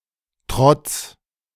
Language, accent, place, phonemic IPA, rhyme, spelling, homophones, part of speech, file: German, Germany, Berlin, /tʁɔt͡s/, -ɔt͡s, Trotz, Trotts, noun, De-Trotz.ogg
- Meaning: defiance